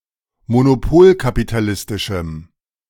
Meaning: strong dative masculine/neuter singular of monopolkapitalistisch
- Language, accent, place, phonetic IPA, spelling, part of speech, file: German, Germany, Berlin, [monoˈpoːlkapitaˌlɪstɪʃm̩], monopolkapitalistischem, adjective, De-monopolkapitalistischem.ogg